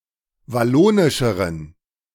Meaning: inflection of wallonisch: 1. strong genitive masculine/neuter singular comparative degree 2. weak/mixed genitive/dative all-gender singular comparative degree
- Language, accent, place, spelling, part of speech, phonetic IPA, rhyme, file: German, Germany, Berlin, wallonischeren, adjective, [vaˈloːnɪʃəʁən], -oːnɪʃəʁən, De-wallonischeren.ogg